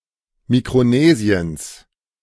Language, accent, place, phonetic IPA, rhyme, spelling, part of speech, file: German, Germany, Berlin, [mikʁoˈneːzi̯əns], -eːzi̯əns, Mikronesiens, noun, De-Mikronesiens.ogg
- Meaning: genitive singular of Mikronesien